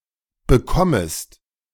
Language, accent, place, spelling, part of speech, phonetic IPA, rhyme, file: German, Germany, Berlin, bekommest, verb, [bəˈkɔməst], -ɔməst, De-bekommest.ogg
- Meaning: second-person singular subjunctive I of bekommen